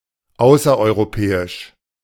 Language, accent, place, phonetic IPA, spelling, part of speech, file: German, Germany, Berlin, [ˈaʊ̯sɐʔɔɪ̯ʁoˌpɛːɪʃ], außereuropäisch, adjective, De-außereuropäisch.ogg
- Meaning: non-European